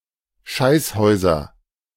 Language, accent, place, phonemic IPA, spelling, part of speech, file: German, Germany, Berlin, /ˈʃaɪsˌhɔʏ̯zɐ/, Scheißhäuser, noun, De-Scheißhäuser.ogg
- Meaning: 1. nominative plural of Scheißhaus 2. accusative plural of Scheißhaus 3. genitive plural of Scheißhaus